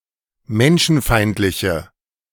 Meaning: inflection of menschenfeindlich: 1. strong/mixed nominative/accusative feminine singular 2. strong nominative/accusative plural 3. weak nominative all-gender singular
- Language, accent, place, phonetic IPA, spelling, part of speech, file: German, Germany, Berlin, [ˈmɛnʃn̩ˌfaɪ̯ntlɪçə], menschenfeindliche, adjective, De-menschenfeindliche.ogg